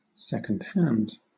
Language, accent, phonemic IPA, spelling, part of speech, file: English, Southern England, /ˌsɛkənd ˈhænd/, second hand, adjective / noun, LL-Q1860 (eng)-second hand.wav
- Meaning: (adjective) Alternative form of secondhand; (noun) An intermediate person or means; intermediary